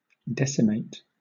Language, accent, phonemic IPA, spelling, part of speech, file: English, Southern England, /ˈdɛsɪmeɪt/, decimate, verb / noun, LL-Q1860 (eng)-decimate.wav
- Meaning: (verb) To kill one-tenth of (a group), (historical, specifically) as a military punishment in the Roman army selected by lot, usually carried out by the surviving soldiers